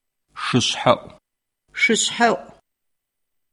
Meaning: August
- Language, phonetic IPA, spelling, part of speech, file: Adyghe, [ʃəʂħaʔʷəmaːz], шышъхьэӏумаз, noun, CircassianMonth8.ogg